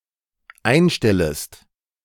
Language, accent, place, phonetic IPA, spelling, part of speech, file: German, Germany, Berlin, [ˈaɪ̯nˌʃtɛləst], einstellest, verb, De-einstellest.ogg
- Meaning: second-person singular dependent subjunctive I of einstellen